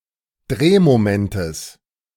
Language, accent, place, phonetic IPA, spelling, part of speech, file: German, Germany, Berlin, [ˈdʁeːmoˌmɛntəs], Drehmomentes, noun, De-Drehmomentes.ogg
- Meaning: genitive singular of Drehmoment